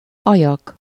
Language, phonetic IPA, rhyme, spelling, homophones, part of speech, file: Hungarian, [ˈɒjɒk], -ɒk, ajak, Ajak, noun, Hu-ajak.ogg
- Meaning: 1. lip (either of the two fleshy protrusions around the opening of the mouth) 2. labium (one of the two pairs of folds of skin either side of the vulva)